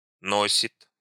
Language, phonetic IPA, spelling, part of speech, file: Russian, [ˈnosʲɪt], носит, verb, Ru-носит.ogg
- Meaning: third-person singular present indicative imperfective of носи́ть (nosítʹ)